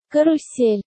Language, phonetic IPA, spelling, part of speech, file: Russian, [kərʊˈsʲelʲ], карусель, noun, Ru-карусель.ogg
- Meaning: 1. merry-go-round, carousel 2. whirligig